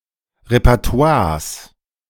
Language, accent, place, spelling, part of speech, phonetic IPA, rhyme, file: German, Germany, Berlin, Repertoires, noun, [ʁepɛʁˈto̯aːɐ̯s], -aːɐ̯s, De-Repertoires.ogg
- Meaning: plural of Repertoire